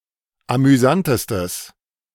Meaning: strong/mixed nominative/accusative neuter singular superlative degree of amüsant
- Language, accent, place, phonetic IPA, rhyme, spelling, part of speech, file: German, Germany, Berlin, [amyˈzantəstəs], -antəstəs, amüsantestes, adjective, De-amüsantestes.ogg